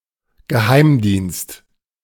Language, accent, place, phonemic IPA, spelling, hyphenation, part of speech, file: German, Germany, Berlin, /ɡəˈhaɪ̯mˌdiːnst/, Geheimdienst, Ge‧heim‧dienst, noun, De-Geheimdienst.ogg
- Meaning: intelligence agency, secret agency, intelligence service